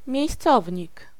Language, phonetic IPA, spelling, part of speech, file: Polish, [mʲjɛ̇jsˈt͡sɔvʲɲik], miejscownik, noun, Pl-miejscownik.ogg